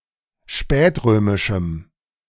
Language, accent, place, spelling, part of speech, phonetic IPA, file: German, Germany, Berlin, spätrömischem, adjective, [ˈʃpɛːtˌʁøːmɪʃm̩], De-spätrömischem.ogg
- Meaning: strong dative masculine/neuter singular of spätrömisch